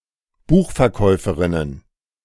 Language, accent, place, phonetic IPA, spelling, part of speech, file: German, Germany, Berlin, [ˈbuːxfɛɐ̯ˌkɔɪ̯fəʁɪnən], Buchverkäuferinnen, noun, De-Buchverkäuferinnen.ogg
- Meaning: plural of Buchverkäuferin